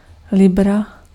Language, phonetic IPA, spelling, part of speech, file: Czech, [ˈlɪbra], libra, noun, Cs-libra.ogg
- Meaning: 1. pound (unit of measure) 2. pound (currency)